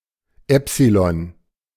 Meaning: epsilon (Greek letter)
- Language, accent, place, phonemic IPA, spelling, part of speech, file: German, Germany, Berlin, /ˈɛpsilɔn/, Epsilon, noun, De-Epsilon.ogg